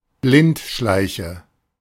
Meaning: 1. slowworm, blindworm 2. someone who fails to see or notice things
- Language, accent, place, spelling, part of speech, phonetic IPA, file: German, Germany, Berlin, Blindschleiche, noun, [ˈblɪntˌʃlaɪ̯çə], De-Blindschleiche.ogg